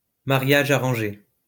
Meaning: arranged marriage
- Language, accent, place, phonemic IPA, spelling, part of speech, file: French, France, Lyon, /ma.ʁja.ʒ‿a.ʁɑ̃.ʒe/, mariage arrangé, noun, LL-Q150 (fra)-mariage arrangé.wav